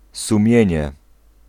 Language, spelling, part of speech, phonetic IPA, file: Polish, sumienie, noun, [sũˈmʲjɛ̇̃ɲɛ], Pl-sumienie.ogg